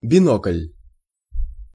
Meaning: binoculars
- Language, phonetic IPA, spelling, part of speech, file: Russian, [bʲɪˈnoklʲ], бинокль, noun, Ru-бинокль.ogg